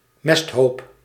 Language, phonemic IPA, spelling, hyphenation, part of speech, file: Dutch, /ˈmɛst.ɦoːp/, mesthoop, mest‧hoop, noun, Nl-mesthoop.ogg
- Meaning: dung heap